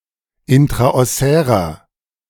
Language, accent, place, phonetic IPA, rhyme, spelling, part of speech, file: German, Germany, Berlin, [ˌɪntʁaʔɔˈsɛːʁɐ], -ɛːʁɐ, intraossärer, adjective, De-intraossärer.ogg
- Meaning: inflection of intraossär: 1. strong/mixed nominative masculine singular 2. strong genitive/dative feminine singular 3. strong genitive plural